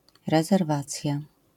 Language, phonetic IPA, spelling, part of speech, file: Polish, [ˌrɛzɛrˈvat͡sʲja], rezerwacja, noun, LL-Q809 (pol)-rezerwacja.wav